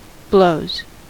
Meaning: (noun) plural of blow; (verb) third-person singular simple present indicative of blow
- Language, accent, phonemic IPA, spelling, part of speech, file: English, US, /bloʊz/, blows, noun / verb, En-us-blows.ogg